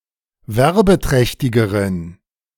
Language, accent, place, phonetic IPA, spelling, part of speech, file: German, Germany, Berlin, [ˈvɛʁbəˌtʁɛçtɪɡəʁən], werbeträchtigeren, adjective, De-werbeträchtigeren.ogg
- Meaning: inflection of werbeträchtig: 1. strong genitive masculine/neuter singular comparative degree 2. weak/mixed genitive/dative all-gender singular comparative degree